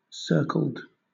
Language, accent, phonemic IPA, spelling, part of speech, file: English, Southern England, /ˈsɜː(ɹ)kəld/, circled, verb / adjective, LL-Q1860 (eng)-circled.wav
- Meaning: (verb) simple past and past participle of circle; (adjective) 1. Marked with a surrounding circle or ellipse; ringed 2. Having a certain type, or number, of circles